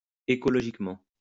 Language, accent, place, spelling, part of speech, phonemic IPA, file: French, France, Lyon, écologiquement, adverb, /e.kɔ.lɔ.ʒik.mɑ̃/, LL-Q150 (fra)-écologiquement.wav
- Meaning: ecologically